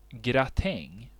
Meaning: a gratin (dish)
- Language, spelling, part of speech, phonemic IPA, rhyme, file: Swedish, gratäng, noun, /ɡraˈtɛŋ/, -ɛŋː, Sv-gratäng.ogg